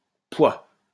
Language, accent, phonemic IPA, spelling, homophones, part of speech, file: French, France, /pwa/, pouah, poids / pois / poix, interjection, LL-Q150 (fra)-pouah.wav
- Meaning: ugh!, yuck!